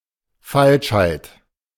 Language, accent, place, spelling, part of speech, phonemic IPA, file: German, Germany, Berlin, Falschheit, noun, /ˈfalʃhaɪ̯t/, De-Falschheit.ogg
- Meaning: 1. falsehood 2. deceit